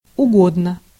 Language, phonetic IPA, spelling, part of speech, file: Russian, [ʊˈɡodnə], угодно, adjective / particle, Ru-угодно.ogg
- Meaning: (adjective) it is needed, it is wanted; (particle) with pronoun or adverb, meaning "any"; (adjective) short neuter singular of уго́дный (ugódnyj)